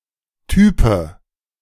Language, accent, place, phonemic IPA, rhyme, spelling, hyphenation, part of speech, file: German, Germany, Berlin, /ˈtyːpə/, -yːpə, Type, Ty‧pe, noun, De-Type.ogg
- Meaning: 1. a type in typesetting 2. a type of a typewriter or some kinds of printer 3. bloke, guy (unspecified person referred to in a somewhat disrespectful way)